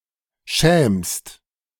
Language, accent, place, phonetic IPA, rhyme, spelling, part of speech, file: German, Germany, Berlin, [ʃɛːmst], -ɛːmst, schämst, verb, De-schämst.ogg
- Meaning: second-person singular present of schämen